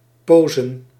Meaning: plural of pose
- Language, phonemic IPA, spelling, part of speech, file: Dutch, /ˈposən/, posen, noun, Nl-posen.ogg